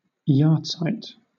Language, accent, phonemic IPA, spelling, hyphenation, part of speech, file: English, Southern England, /ˈjɑːtsaɪt/, yahrzeit, yahr‧zeit, noun, LL-Q1860 (eng)-yahrzeit.wav
- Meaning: The anniversary of a person's death, usually a parent's, often marked by the lighting of a memorial candle and other rituals